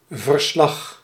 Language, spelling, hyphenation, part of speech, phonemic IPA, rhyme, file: Dutch, verslag, ver‧slag, noun, /vərˈslɑx/, -ɑx, Nl-verslag.ogg
- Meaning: report